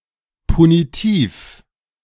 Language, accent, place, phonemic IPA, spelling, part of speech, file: German, Germany, Berlin, /puniˈtiːf/, punitiv, adjective, De-punitiv.ogg
- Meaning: punitive